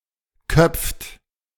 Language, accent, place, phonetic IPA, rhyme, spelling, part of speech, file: German, Germany, Berlin, [kœp͡ft], -œp͡ft, köpft, verb, De-köpft.ogg
- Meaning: inflection of köpfen: 1. third-person singular present 2. second-person plural present 3. plural imperative